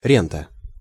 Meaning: rent, rente
- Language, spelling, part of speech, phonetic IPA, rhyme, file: Russian, рента, noun, [ˈrʲentə], -entə, Ru-рента.ogg